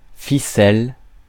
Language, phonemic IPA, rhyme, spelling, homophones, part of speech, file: French, /fi.sɛl/, -ɛl, ficelle, ficelles, noun / verb, Fr-ficelle.ogg
- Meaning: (noun) 1. twine 2. a very narrow baguette; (verb) Form of ficeler